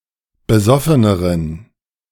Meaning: inflection of besoffen: 1. strong genitive masculine/neuter singular comparative degree 2. weak/mixed genitive/dative all-gender singular comparative degree
- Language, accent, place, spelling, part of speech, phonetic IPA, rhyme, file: German, Germany, Berlin, besoffeneren, adjective, [bəˈzɔfənəʁən], -ɔfənəʁən, De-besoffeneren.ogg